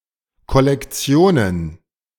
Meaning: plural of Kollektion
- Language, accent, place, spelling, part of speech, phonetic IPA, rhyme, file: German, Germany, Berlin, Kollektionen, noun, [kɔlɛkˈt͡si̯oːnən], -oːnən, De-Kollektionen.ogg